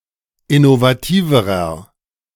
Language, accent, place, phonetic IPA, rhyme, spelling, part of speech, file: German, Germany, Berlin, [ɪnovaˈtiːvəʁɐ], -iːvəʁɐ, innovativerer, adjective, De-innovativerer.ogg
- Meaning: inflection of innovativ: 1. strong/mixed nominative masculine singular comparative degree 2. strong genitive/dative feminine singular comparative degree 3. strong genitive plural comparative degree